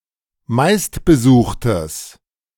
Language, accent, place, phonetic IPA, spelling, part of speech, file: German, Germany, Berlin, [ˈmaɪ̯stbəˌzuːxtəs], meistbesuchtes, adjective, De-meistbesuchtes.ogg
- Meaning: strong/mixed nominative/accusative neuter singular of meistbesucht